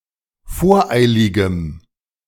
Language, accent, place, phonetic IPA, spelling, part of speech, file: German, Germany, Berlin, [ˈfoːɐ̯ˌʔaɪ̯lɪɡəm], voreiligem, adjective, De-voreiligem.ogg
- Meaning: strong dative masculine/neuter singular of voreilig